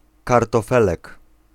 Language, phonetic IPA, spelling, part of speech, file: Polish, [ˌkartɔˈfɛlɛk], kartofelek, noun, Pl-kartofelek.ogg